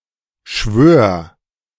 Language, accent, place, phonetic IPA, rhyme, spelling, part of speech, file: German, Germany, Berlin, [ʃvøːɐ̯], -øːɐ̯, schwör, verb, De-schwör.ogg
- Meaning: singular imperative of schwören